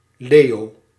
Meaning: a male given name, equivalent to English Leo
- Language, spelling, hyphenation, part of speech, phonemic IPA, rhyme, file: Dutch, Leo, Leo, proper noun, /ˈleː.oː/, -eːoː, Nl-Leo.ogg